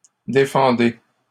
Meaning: inflection of défendre: 1. second-person plural present indicative 2. second-person plural imperative
- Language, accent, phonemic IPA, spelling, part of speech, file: French, Canada, /de.fɑ̃.de/, défendez, verb, LL-Q150 (fra)-défendez.wav